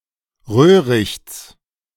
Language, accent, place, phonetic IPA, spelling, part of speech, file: German, Germany, Berlin, [ˈʁøːʁɪçt͡s], Röhrichts, noun, De-Röhrichts.ogg
- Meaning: genitive singular of Röhricht